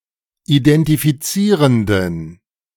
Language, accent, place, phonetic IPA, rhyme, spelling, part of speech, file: German, Germany, Berlin, [idɛntifiˈt͡siːʁəndn̩], -iːʁəndn̩, identifizierenden, adjective, De-identifizierenden.ogg
- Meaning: inflection of identifizierend: 1. strong genitive masculine/neuter singular 2. weak/mixed genitive/dative all-gender singular 3. strong/weak/mixed accusative masculine singular 4. strong dative plural